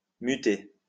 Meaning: 1. to transfer 2. to mutate
- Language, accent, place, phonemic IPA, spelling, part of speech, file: French, France, Lyon, /my.te/, muter, verb, LL-Q150 (fra)-muter.wav